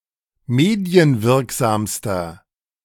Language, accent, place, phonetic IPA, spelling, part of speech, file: German, Germany, Berlin, [ˈmeːdi̯ənˌvɪʁkzaːmstɐ], medienwirksamster, adjective, De-medienwirksamster.ogg
- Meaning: inflection of medienwirksam: 1. strong/mixed nominative masculine singular superlative degree 2. strong genitive/dative feminine singular superlative degree